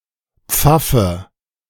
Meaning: cleric, clergyman
- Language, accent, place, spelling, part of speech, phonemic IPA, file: German, Germany, Berlin, Pfaffe, noun, /ˈp͡fafə/, De-Pfaffe.ogg